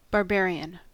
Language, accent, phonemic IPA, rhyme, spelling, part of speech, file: English, US, /bɑɹˈbɛəɹ.i.ən/, -ɛəɹiən, barbarian, adjective / noun, En-us-barbarian.ogg
- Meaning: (adjective) Relating to people, countries, or customs perceived as uncivilized or inferior; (noun) A non-Greek or a non-Roman citizen